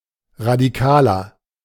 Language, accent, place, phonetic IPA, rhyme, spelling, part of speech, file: German, Germany, Berlin, [ʁadiˈkaːlɐ], -aːlɐ, Radikaler, noun, De-Radikaler.ogg
- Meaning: a radical (person, male)